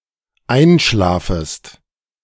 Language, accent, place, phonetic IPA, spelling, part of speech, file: German, Germany, Berlin, [ˈaɪ̯nˌʃlaːfəst], einschlafest, verb, De-einschlafest.ogg
- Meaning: second-person singular dependent subjunctive I of einschlafen